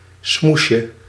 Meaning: diminutive of smoes
- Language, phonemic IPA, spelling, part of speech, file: Dutch, /ˈsmuʃə/, smoesje, noun, Nl-smoesje.ogg